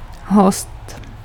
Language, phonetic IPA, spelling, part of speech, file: Czech, [ˈɦost], host, noun, Cs-host.ogg
- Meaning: guest